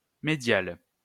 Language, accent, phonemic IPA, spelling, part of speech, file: French, France, /me.djal/, médiale, adjective, LL-Q150 (fra)-médiale.wav
- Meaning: feminine singular of médial